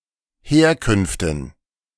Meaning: dative plural of Herkunft
- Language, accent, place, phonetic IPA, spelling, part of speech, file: German, Germany, Berlin, [ˈheːɐ̯ˌkʏnftn̩], Herkünften, noun, De-Herkünften.ogg